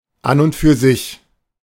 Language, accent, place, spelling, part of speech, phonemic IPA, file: German, Germany, Berlin, an und für sich, phrase, /an ʊnt fyːɐ̯ zɪç/, De-an und für sich.ogg
- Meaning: 1. in principle 2. in itself, by itself